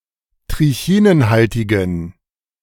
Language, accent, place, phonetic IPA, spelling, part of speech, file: German, Germany, Berlin, [tʁɪˈçiːnənˌhaltɪɡn̩], trichinenhaltigen, adjective, De-trichinenhaltigen.ogg
- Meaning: inflection of trichinenhaltig: 1. strong genitive masculine/neuter singular 2. weak/mixed genitive/dative all-gender singular 3. strong/weak/mixed accusative masculine singular 4. strong dative plural